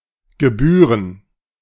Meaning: plural of Gebühr
- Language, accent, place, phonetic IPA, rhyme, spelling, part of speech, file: German, Germany, Berlin, [ɡəˈbyːʁən], -yːʁən, Gebühren, noun, De-Gebühren.ogg